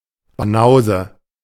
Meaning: banausic person (person with little understanding, especially of arts)
- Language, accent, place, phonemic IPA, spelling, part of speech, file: German, Germany, Berlin, /baˈnaʊ̯zə/, Banause, noun, De-Banause.ogg